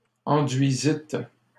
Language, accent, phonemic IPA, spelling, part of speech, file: French, Canada, /ɑ̃.dɥi.zit/, enduisîtes, verb, LL-Q150 (fra)-enduisîtes.wav
- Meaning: second-person plural past historic of enduire